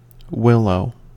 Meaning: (noun) Any of various deciduous trees or shrubs in the genus Salix, in the willow family Salicaceae, found primarily on moist soils in cooler zones in the northern hemisphere
- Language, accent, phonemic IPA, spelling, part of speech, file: English, US, /ˈwɪloʊ/, willow, noun / verb, En-us-willow.ogg